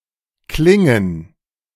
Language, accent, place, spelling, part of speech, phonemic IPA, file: German, Germany, Berlin, klingen, verb, /ˈklɪŋən/, De-klingen.ogg
- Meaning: 1. to ring; to clink 2. to sound